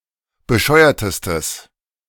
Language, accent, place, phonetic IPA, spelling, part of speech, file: German, Germany, Berlin, [bəˈʃɔɪ̯ɐtəstəs], bescheuertestes, adjective, De-bescheuertestes.ogg
- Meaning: strong/mixed nominative/accusative neuter singular superlative degree of bescheuert